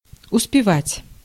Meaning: 1. to have time, to find time, to manage, to succeed 2. to arrive in time (for), to be in time (for) 3. to catch (a train, bus) 4. to get on well, to make progress, to advance (in one's studies)
- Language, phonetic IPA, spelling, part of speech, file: Russian, [ʊspʲɪˈvatʲ], успевать, verb, Ru-успевать.ogg